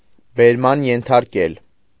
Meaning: to detain and forcibly bring to the police or court
- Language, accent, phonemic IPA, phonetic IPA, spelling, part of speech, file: Armenian, Eastern Armenian, /beɾˈmɑn jentʰɑɾˈkel/, [beɾmɑ́n jentʰɑɾkél], բերման ենթարկել, verb, Hy-բերման ենթարկել.ogg